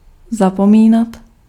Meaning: to forget
- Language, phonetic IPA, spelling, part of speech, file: Czech, [ˈzapomiːnat], zapomínat, verb, Cs-zapomínat.ogg